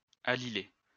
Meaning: to allylate
- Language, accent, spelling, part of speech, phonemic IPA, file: French, France, allyler, verb, /a.li.le/, LL-Q150 (fra)-allyler.wav